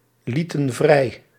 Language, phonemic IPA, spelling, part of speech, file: Dutch, /ˈlitə(n) ˈvrɛi/, lieten vrij, verb, Nl-lieten vrij.ogg
- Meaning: inflection of vrijlaten: 1. plural past indicative 2. plural past subjunctive